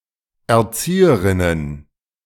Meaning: plural of Erzieherin
- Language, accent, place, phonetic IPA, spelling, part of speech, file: German, Germany, Berlin, [ɛɐ̯ˈt͡siːəʁɪnən], Erzieherinnen, noun, De-Erzieherinnen.ogg